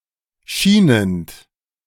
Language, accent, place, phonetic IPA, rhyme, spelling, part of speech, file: German, Germany, Berlin, [ˈʃiːnənt], -iːnənt, schienend, verb, De-schienend.ogg
- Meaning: present participle of schienen